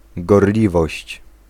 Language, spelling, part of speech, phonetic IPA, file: Polish, gorliwość, noun, [ɡɔrˈlʲivɔɕt͡ɕ], Pl-gorliwość.ogg